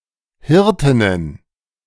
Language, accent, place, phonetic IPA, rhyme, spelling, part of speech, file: German, Germany, Berlin, [ˈhɪʁtɪnən], -ɪʁtɪnən, Hirtinnen, noun, De-Hirtinnen.ogg
- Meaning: plural of Hirtin